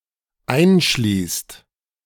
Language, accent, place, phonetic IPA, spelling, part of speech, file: German, Germany, Berlin, [ˈaɪ̯nˌʃliːst], einschließt, verb, De-einschließt.ogg
- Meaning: inflection of einschließen: 1. second/third-person singular dependent present 2. second-person plural dependent present